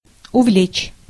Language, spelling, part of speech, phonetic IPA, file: Russian, увлечь, verb, [ʊˈvlʲet͡ɕ], Ru-увлечь.ogg
- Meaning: 1. to fascinate, to infatuate 2. to carry away